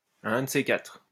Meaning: see you, later
- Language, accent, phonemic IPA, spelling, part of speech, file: French, France, /a œ̃ d(ə) se katʁ/, à un de ces quatre, interjection, LL-Q150 (fra)-à un de ces quatre.wav